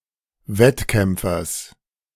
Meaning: genitive singular of Wettkämpfer
- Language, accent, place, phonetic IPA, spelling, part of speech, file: German, Germany, Berlin, [ˈvɛtˌkɛmp͡fɐs], Wettkämpfers, noun, De-Wettkämpfers.ogg